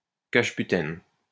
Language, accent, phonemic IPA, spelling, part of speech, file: French, France, /kaʒ.py.tɛn/, cajeputène, noun, LL-Q150 (fra)-cajeputène.wav
- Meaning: cajuputene